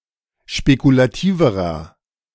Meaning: inflection of spekulativ: 1. strong/mixed nominative masculine singular comparative degree 2. strong genitive/dative feminine singular comparative degree 3. strong genitive plural comparative degree
- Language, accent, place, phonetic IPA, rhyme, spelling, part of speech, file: German, Germany, Berlin, [ʃpekulaˈtiːvəʁɐ], -iːvəʁɐ, spekulativerer, adjective, De-spekulativerer.ogg